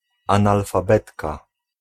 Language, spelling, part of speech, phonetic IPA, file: Polish, analfabetka, noun, [ˌãnalfaˈbɛtka], Pl-analfabetka.ogg